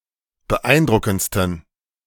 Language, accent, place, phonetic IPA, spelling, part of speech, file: German, Germany, Berlin, [bəˈʔaɪ̯nˌdʁʊkn̩t͡stən], beeindruckendsten, adjective, De-beeindruckendsten.ogg
- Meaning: 1. superlative degree of beeindruckend 2. inflection of beeindruckend: strong genitive masculine/neuter singular superlative degree